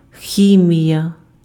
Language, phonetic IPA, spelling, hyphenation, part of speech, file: Ukrainian, [ˈxʲimʲijɐ], хімія, хі‧мія, noun, Uk-хімія.ogg
- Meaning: 1. chemistry 2. perm (hairstyle) 3. unhealthy, artificial and processed